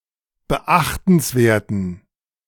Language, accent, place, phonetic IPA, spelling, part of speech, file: German, Germany, Berlin, [bəˈʔaxtn̩sˌveːɐ̯tn̩], beachtenswerten, adjective, De-beachtenswerten.ogg
- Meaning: inflection of beachtenswert: 1. strong genitive masculine/neuter singular 2. weak/mixed genitive/dative all-gender singular 3. strong/weak/mixed accusative masculine singular 4. strong dative plural